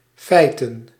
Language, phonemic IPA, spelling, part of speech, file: Dutch, /fɛi̯tən/, feiten, noun, Nl-feiten.ogg
- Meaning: plural of feit